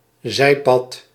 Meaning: a bypath, a small(er) path that goes in a different direction, e.g. trails off (especially in figurative use)
- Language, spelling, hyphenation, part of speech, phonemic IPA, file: Dutch, zijpad, zij‧pad, noun, /ˈzɛi̯.pɑt/, Nl-zijpad.ogg